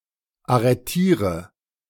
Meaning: inflection of arretieren: 1. first-person singular present 2. singular imperative 3. first/third-person singular subjunctive I
- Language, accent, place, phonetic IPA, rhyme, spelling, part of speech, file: German, Germany, Berlin, [aʁəˈtiːʁə], -iːʁə, arretiere, verb, De-arretiere.ogg